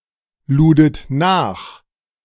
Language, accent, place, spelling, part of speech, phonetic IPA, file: German, Germany, Berlin, ludet nach, verb, [ˌluːdət ˈnaːx], De-ludet nach.ogg
- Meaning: second-person plural preterite of nachladen